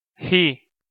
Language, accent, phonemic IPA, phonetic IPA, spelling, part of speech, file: Armenian, Eastern Armenian, /hi/, [hi], հի, noun, Hy-հի.ogg
- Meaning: the name of the Armenian letter յ (y)